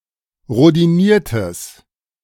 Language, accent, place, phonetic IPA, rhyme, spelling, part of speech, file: German, Germany, Berlin, [ʁodiˈniːɐ̯təs], -iːɐ̯təs, rhodiniertes, adjective, De-rhodiniertes.ogg
- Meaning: strong/mixed nominative/accusative neuter singular of rhodiniert